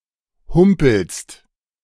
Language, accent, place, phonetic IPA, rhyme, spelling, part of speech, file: German, Germany, Berlin, [ˈhʊmpl̩st], -ʊmpl̩st, humpelst, verb, De-humpelst.ogg
- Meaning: second-person singular present of humpeln